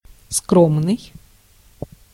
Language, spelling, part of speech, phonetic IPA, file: Russian, скромный, adjective, [ˈskromnɨj], Ru-скромный.ogg
- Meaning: 1. modest, humble 2. modest, frugal 3. modest, unassuming, unpretentious 4. modest, prudish